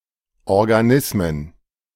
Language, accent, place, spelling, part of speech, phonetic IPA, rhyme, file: German, Germany, Berlin, Organismen, noun, [ˌɔʁɡaˈnɪsmən], -ɪsmən, De-Organismen.ogg
- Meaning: plural of Organismus